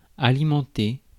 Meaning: 1. to feed, to give food to 2. to supply, to fund 3. to fuel, feed (e.g. an argument) 4. to eat, to feed
- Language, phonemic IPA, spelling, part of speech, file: French, /a.li.mɑ̃.te/, alimenter, verb, Fr-alimenter.ogg